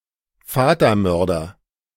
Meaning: 1. patricide (murderer of their own father) 2. stiff wing collar
- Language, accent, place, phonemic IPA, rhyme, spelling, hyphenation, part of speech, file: German, Germany, Berlin, /ˈfaːtɐˌmœʁdɐ/, -œʁdɐ, Vatermörder, Va‧ter‧mör‧der, noun, De-Vatermörder.ogg